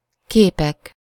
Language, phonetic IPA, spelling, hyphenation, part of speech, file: Hungarian, [ˈkeːpɛk], képek, ké‧pek, noun, Hu-képek.ogg
- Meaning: nominative plural of kép